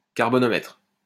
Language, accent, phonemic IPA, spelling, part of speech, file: French, France, /kaʁ.bɔ.nɔ.mɛtʁ/, carbonomètre, noun, LL-Q150 (fra)-carbonomètre.wav
- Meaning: carbonometer